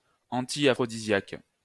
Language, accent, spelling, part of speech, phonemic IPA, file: French, France, antiaphrodisiaque, adjective / noun, /ɑ̃.ti.a.fʁɔ.di.zjak/, LL-Q150 (fra)-antiaphrodisiaque.wav
- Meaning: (adjective) antiaphrodisiac